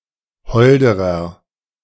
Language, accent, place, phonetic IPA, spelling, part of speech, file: German, Germany, Berlin, [ˈhɔldəʁɐ], holderer, adjective, De-holderer.ogg
- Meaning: inflection of hold: 1. strong/mixed nominative masculine singular comparative degree 2. strong genitive/dative feminine singular comparative degree 3. strong genitive plural comparative degree